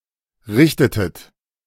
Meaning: inflection of richten: 1. second-person plural preterite 2. second-person plural subjunctive II
- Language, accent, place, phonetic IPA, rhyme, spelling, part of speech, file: German, Germany, Berlin, [ˈʁɪçtətət], -ɪçtətət, richtetet, verb, De-richtetet.ogg